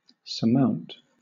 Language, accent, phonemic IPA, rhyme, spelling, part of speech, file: English, Southern England, /səˈmaʊnt/, -aʊnt, surmount, verb, LL-Q1860 (eng)-surmount.wav
- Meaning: 1. To get or be over without touching or resting on; to overcome 2. To cap; to sit on top of